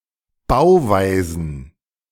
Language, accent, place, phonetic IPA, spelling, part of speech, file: German, Germany, Berlin, [ˈbaʊ̯ˌvaɪ̯zn̩], Bauweisen, noun, De-Bauweisen.ogg
- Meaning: plural of Bauweise